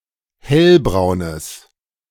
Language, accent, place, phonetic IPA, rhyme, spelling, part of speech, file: German, Germany, Berlin, [ˈhɛlbʁaʊ̯nəs], -ɛlbʁaʊ̯nəs, hellbraunes, adjective, De-hellbraunes.ogg
- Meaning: strong/mixed nominative/accusative neuter singular of hellbraun